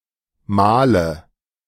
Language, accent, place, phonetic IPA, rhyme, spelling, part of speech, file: German, Germany, Berlin, [ˈmaːlə], -aːlə, Mahle, noun, De-Mahle.ogg
- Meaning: inflection of Mahl: 1. nominative/accusative/genitive plural 2. dative singular